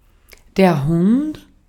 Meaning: 1. dog, hound 2. scoundrel; dog (mean or morally reprehensible person) 3. A board with casters used to transport heavy objects
- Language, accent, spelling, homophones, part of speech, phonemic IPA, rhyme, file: German, Austria, Hund, Hunt, noun, /hʊnt/, -ʊnt, De-at-Hund.ogg